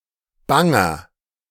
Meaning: inflection of bang: 1. strong/mixed nominative masculine singular 2. strong genitive/dative feminine singular 3. strong genitive plural
- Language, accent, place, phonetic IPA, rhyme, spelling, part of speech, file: German, Germany, Berlin, [ˈbaŋɐ], -aŋɐ, banger, adjective, De-banger.ogg